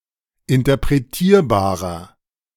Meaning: 1. comparative degree of interpretierbar 2. inflection of interpretierbar: strong/mixed nominative masculine singular 3. inflection of interpretierbar: strong genitive/dative feminine singular
- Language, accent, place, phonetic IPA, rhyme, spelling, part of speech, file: German, Germany, Berlin, [ɪntɐpʁeˈtiːɐ̯baːʁɐ], -iːɐ̯baːʁɐ, interpretierbarer, adjective, De-interpretierbarer.ogg